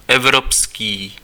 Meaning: European
- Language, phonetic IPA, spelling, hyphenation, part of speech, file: Czech, [ˈɛvropskiː], evropský, ev‧rop‧ský, adjective, Cs-evropský.ogg